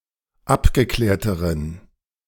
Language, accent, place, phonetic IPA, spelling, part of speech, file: German, Germany, Berlin, [ˈapɡəˌklɛːɐ̯təʁən], abgeklärteren, adjective, De-abgeklärteren.ogg
- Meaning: inflection of abgeklärt: 1. strong genitive masculine/neuter singular comparative degree 2. weak/mixed genitive/dative all-gender singular comparative degree